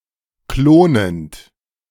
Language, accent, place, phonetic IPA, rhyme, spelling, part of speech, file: German, Germany, Berlin, [ˈkloːnənt], -oːnənt, klonend, verb, De-klonend.ogg
- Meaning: present participle of klonen